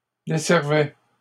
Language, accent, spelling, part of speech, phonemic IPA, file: French, Canada, desservait, verb, /de.sɛʁ.vɛ/, LL-Q150 (fra)-desservait.wav
- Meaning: third-person singular imperfect indicative of desservir